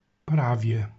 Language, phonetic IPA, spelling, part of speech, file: Polish, [ˈpravʲjɛ], prawie, particle / adverb / noun, Pl-prawie.ogg